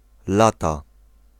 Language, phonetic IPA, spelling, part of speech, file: Polish, [ˈlata], lata, noun / verb, Pl-lata.ogg